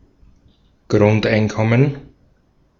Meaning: basic income
- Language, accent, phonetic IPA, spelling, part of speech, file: German, Austria, [ˈɡʁʊntʔaɪ̯nˌkɔmən], Grundeinkommen, noun, De-at-Grundeinkommen.ogg